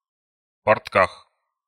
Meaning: prepositional of портки́ (portkí)
- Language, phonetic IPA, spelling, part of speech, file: Russian, [pɐrtˈkax], портках, noun, Ru-портках.ogg